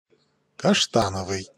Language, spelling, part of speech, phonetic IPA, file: Russian, каштановый, adjective, [kɐʂˈtanəvɨj], Ru-каштановый.ogg
- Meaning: 1. chestnut 2. chestnut-colored, maroon